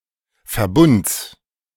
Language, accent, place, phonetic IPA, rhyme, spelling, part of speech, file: German, Germany, Berlin, [fɛɐ̯ˈbʊnt͡s], -ʊnt͡s, Verbunds, noun, De-Verbunds.ogg
- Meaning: genitive of Verbund